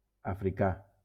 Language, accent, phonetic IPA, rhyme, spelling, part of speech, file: Catalan, Valencia, [a.fɾiˈka], -a, africà, adjective / noun, LL-Q7026 (cat)-africà.wav
- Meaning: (adjective) African